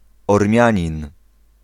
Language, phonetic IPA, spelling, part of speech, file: Polish, [ɔrˈmʲjä̃ɲĩn], Ormianin, proper noun, Pl-Ormianin.ogg